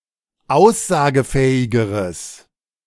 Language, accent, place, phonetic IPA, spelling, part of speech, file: German, Germany, Berlin, [ˈaʊ̯szaːɡəˌfɛːɪɡəʁəs], aussagefähigeres, adjective, De-aussagefähigeres.ogg
- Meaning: strong/mixed nominative/accusative neuter singular comparative degree of aussagefähig